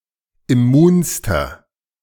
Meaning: inflection of immun: 1. strong/mixed nominative masculine singular superlative degree 2. strong genitive/dative feminine singular superlative degree 3. strong genitive plural superlative degree
- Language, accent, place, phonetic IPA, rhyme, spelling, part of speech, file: German, Germany, Berlin, [ɪˈmuːnstɐ], -uːnstɐ, immunster, adjective, De-immunster.ogg